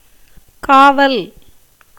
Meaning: 1. watch, guard, protection, preservation, police 2. custody, imprisonment 3. jail
- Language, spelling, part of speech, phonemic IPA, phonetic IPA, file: Tamil, காவல், noun, /kɑːʋɐl/, [käːʋɐl], Ta-காவல்.ogg